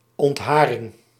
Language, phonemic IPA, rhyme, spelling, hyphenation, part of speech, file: Dutch, /ˌɔntˈɦaː.rɪŋ/, -aːrɪŋ, ontharing, ont‧ha‧ring, noun, Nl-ontharing.ogg
- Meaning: hair removal, depilation